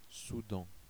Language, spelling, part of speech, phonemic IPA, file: French, Soudan, proper noun, /su.dɑ̃/, Fr-Soudan.ogg
- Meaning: Sudan (a country in North Africa and East Africa)